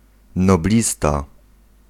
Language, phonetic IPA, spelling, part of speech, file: Polish, [nɔˈblʲista], noblista, noun, Pl-noblista.ogg